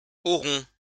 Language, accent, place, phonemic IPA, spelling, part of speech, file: French, France, Lyon, /ɔ.ʁɔ̃/, aurons, verb, LL-Q150 (fra)-aurons.wav
- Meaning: first-person plural future of avoir